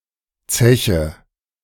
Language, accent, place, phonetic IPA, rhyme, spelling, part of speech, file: German, Germany, Berlin, [ˈt͡sɛçə], -ɛçə, zeche, verb, De-zeche.ogg
- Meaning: inflection of zechen: 1. first-person singular present 2. first/third-person singular subjunctive I 3. singular imperative